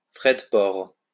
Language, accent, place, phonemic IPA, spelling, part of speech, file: French, France, Lyon, /fʁɛ d(ə) pɔʁ/, frais de port, noun, LL-Q150 (fra)-frais de port.wav
- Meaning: shipping costs, delivery costs, shipping, delivery